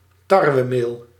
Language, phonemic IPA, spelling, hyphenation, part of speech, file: Dutch, /ˈtɑr.ʋəˌmeːl/, tarwemeel, tar‧we‧meel, noun, Nl-tarwemeel.ogg
- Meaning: wheat flour